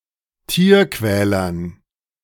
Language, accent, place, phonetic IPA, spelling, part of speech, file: German, Germany, Berlin, [ˈtiːɐ̯ˌkvɛːlɐn], Tierquälern, noun, De-Tierquälern.ogg
- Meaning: dative plural of Tierquäler